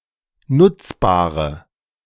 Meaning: inflection of nutzbar: 1. strong/mixed nominative/accusative feminine singular 2. strong nominative/accusative plural 3. weak nominative all-gender singular 4. weak accusative feminine/neuter singular
- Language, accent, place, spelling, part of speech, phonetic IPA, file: German, Germany, Berlin, nutzbare, adjective, [ˈnʊt͡sˌbaːʁə], De-nutzbare.ogg